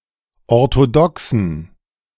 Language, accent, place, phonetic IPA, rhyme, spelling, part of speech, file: German, Germany, Berlin, [ɔʁtoˈdɔksn̩], -ɔksn̩, orthodoxen, adjective, De-orthodoxen.ogg
- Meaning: inflection of orthodox: 1. strong genitive masculine/neuter singular 2. weak/mixed genitive/dative all-gender singular 3. strong/weak/mixed accusative masculine singular 4. strong dative plural